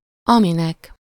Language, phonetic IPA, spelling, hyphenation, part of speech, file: Hungarian, [ˈɒminɛk], aminek, ami‧nek, pronoun, Hu-aminek.ogg
- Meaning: dative singular of ami